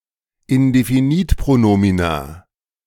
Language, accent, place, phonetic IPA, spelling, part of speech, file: German, Germany, Berlin, [ɪndefiˈniːtpʁoˌnoːmina], Indefinitpronomina, noun, De-Indefinitpronomina.ogg
- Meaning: plural of Indefinitpronomen